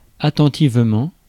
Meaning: attentively
- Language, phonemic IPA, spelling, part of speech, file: French, /a.tɑ̃.tiv.mɑ̃/, attentivement, adverb, Fr-attentivement.ogg